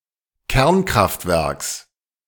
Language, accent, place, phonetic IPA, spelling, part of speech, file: German, Germany, Berlin, [ˈkɛʁnkʁaftˌvɛʁks], Kernkraftwerks, noun, De-Kernkraftwerks.ogg
- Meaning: genitive singular of Kernkraftwerk